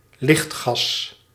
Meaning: town gas, coal gas
- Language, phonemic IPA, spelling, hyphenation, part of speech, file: Dutch, /ˈlixt.xɑs/, lichtgas, licht‧gas, noun, Nl-lichtgas.ogg